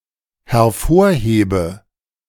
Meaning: inflection of hervorheben: 1. first-person singular dependent present 2. first/third-person singular dependent subjunctive I
- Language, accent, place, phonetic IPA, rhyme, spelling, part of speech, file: German, Germany, Berlin, [hɛɐ̯ˈfoːɐ̯ˌheːbə], -oːɐ̯heːbə, hervorhebe, verb, De-hervorhebe.ogg